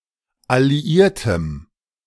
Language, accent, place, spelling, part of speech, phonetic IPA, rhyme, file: German, Germany, Berlin, alliiertem, adjective, [aliˈiːɐ̯təm], -iːɐ̯təm, De-alliiertem.ogg
- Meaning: strong dative masculine/neuter singular of alliiert